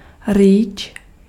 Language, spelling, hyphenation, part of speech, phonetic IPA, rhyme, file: Czech, rýč, rýč, noun, [ˈriːt͡ʃ], -iːtʃ, Cs-rýč.ogg
- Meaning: spade (tool)